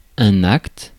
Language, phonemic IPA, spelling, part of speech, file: French, /akt/, acte, noun, Fr-acte.ogg
- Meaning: act